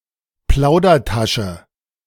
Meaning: chatterbox
- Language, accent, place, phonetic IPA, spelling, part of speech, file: German, Germany, Berlin, [ˈplaʊ̯dɐˌtaʃə], Plaudertasche, noun, De-Plaudertasche.ogg